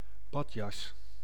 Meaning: bathrobe
- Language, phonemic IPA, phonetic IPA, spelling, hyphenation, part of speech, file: Dutch, /ˈbɑt.jɑs/, [ˈbɑ.cɑs], badjas, bad‧jas, noun, Nl-badjas.ogg